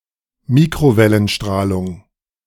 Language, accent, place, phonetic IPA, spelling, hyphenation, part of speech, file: German, Germany, Berlin, [ˈmiːkʁovɛlənˌʃtʁaːlʊŋ], Mikrowellenstrahlung, Mi‧kro‧wel‧len‧strah‧lung, noun, De-Mikrowellenstrahlung.ogg
- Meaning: microwave radiation